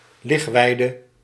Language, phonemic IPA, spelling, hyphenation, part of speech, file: Dutch, /ˈlɪxˌʋɛi̯.də/, ligweide, lig‧wei‧de, noun, Nl-ligweide.ogg
- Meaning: a large field of grass, usually near a swimming pool or a beach, where people can lie down for recreation